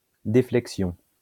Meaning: deflection
- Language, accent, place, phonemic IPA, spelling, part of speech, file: French, France, Lyon, /de.flɛk.sjɔ̃/, déflexion, noun, LL-Q150 (fra)-déflexion.wav